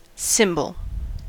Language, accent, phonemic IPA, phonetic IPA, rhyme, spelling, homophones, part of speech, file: English, US, /ˈsɪmbəl/, [ˈsɪmbɫ̩], -ɪmbəl, cymbal, symbol, noun, En-us-cymbal.ogg